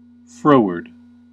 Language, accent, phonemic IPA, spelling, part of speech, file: English, US, /ˈfɹoʊ.ɚd/, froward, adjective / preposition, En-us-froward.ogg
- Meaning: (adjective) Disobedient, contrary, unmanageable; difficult to deal with; with an evil disposition; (preposition) Away from